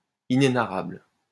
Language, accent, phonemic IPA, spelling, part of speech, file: French, France, /i.ne.na.ʁabl/, inénarrable, adjective, LL-Q150 (fra)-inénarrable.wav
- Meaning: 1. indescribable, inexpressible 2. hilarious